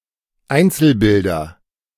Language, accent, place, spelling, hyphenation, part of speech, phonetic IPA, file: German, Germany, Berlin, Einzelbilder, Ein‧zel‧bil‧der, noun, [ˈaɪ̯nt͡sl̩̩ˌbɪldɐ], De-Einzelbilder.ogg
- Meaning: nominative genitive accusative plural of Einzelbild